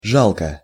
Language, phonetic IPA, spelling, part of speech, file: Russian, [ˈʐaɫkə], жалко, adverb / adjective / interjection / noun, Ru-жалко.ogg
- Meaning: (adverb) 1. pitiably, miserably, wretchedly 2. negligibly 3. plaintively 4. to feel sorry for; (adjective) short neuter singular of жа́лкий (žálkij); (interjection) sorry, it is a pity